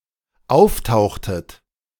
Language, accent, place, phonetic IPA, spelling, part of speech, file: German, Germany, Berlin, [ˈaʊ̯fˌtaʊ̯xtət], auftauchtet, verb, De-auftauchtet.ogg
- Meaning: inflection of auftauchen: 1. second-person plural dependent preterite 2. second-person plural dependent subjunctive II